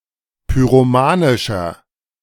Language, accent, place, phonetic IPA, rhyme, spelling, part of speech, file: German, Germany, Berlin, [pyʁoˈmaːnɪʃɐ], -aːnɪʃɐ, pyromanischer, adjective, De-pyromanischer.ogg
- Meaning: inflection of pyromanisch: 1. strong/mixed nominative masculine singular 2. strong genitive/dative feminine singular 3. strong genitive plural